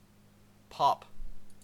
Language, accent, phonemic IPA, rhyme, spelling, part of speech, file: English, Canada, /pɒp/, -ɒp, pop, noun / verb / interjection / adjective, En-ca-pop.ogg
- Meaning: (noun) 1. A loud, sharp sound, as of a cork coming out of a bottle, especially when the contents are pressurized by fizziness 2. An effervescent or fizzy drink, most frequently nonalcoholic; soda pop